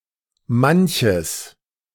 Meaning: genitive masculine/neuter singular of manch
- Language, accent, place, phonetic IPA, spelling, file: German, Germany, Berlin, [ˈmançəs], manches, De-manches.ogg